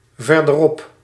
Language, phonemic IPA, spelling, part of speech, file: Dutch, /ˌvɛrdəˈrɔp/, verderop, adverb, Nl-verderop.ogg
- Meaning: further on